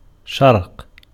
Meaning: east; Orient
- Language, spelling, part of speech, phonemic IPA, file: Arabic, شرق, noun, /ʃarq/, Ar-شرق.ogg